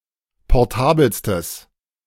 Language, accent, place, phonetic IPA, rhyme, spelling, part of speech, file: German, Germany, Berlin, [pɔʁˈtaːbl̩stəs], -aːbl̩stəs, portabelstes, adjective, De-portabelstes.ogg
- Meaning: strong/mixed nominative/accusative neuter singular superlative degree of portabel